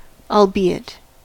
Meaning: Although, despite (it) being
- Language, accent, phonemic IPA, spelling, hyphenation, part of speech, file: English, General American, /ɔlˈbi.ɪt/, albeit, al‧be‧it, conjunction, En-us-albeit.ogg